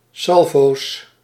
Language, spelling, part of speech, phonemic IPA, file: Dutch, salvo's, noun, /ˈsɑlvos/, Nl-salvo's.ogg
- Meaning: plural of salvo